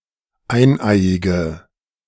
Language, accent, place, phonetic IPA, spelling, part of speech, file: German, Germany, Berlin, [ˈaɪ̯nˌʔaɪ̯ɪɡə], eineiige, adjective, De-eineiige.ogg
- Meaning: inflection of eineiig: 1. strong/mixed nominative/accusative feminine singular 2. strong nominative/accusative plural 3. weak nominative all-gender singular 4. weak accusative feminine/neuter singular